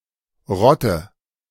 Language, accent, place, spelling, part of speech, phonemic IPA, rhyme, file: German, Germany, Berlin, Rotte, noun, /ˈʁɔtə/, -ɔtə, De-Rotte.ogg
- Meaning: 1. rout, mob (group of people) 2. two ships or planes operating together 3. group of boars or wolves 4. group of dogs